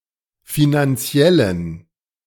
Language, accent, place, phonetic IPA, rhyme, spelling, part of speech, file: German, Germany, Berlin, [ˌfinanˈt͡si̯ɛlən], -ɛlən, finanziellen, adjective, De-finanziellen.ogg
- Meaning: inflection of finanziell: 1. strong genitive masculine/neuter singular 2. weak/mixed genitive/dative all-gender singular 3. strong/weak/mixed accusative masculine singular 4. strong dative plural